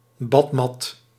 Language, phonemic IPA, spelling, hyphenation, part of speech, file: Dutch, /ˈbɑt.mɑt/, badmat, bad‧mat, noun, Nl-badmat.ogg
- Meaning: bath mat